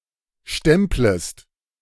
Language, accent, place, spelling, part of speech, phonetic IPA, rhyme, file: German, Germany, Berlin, stemplest, verb, [ˈʃtɛmpləst], -ɛmpləst, De-stemplest.ogg
- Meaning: second-person singular subjunctive I of stempeln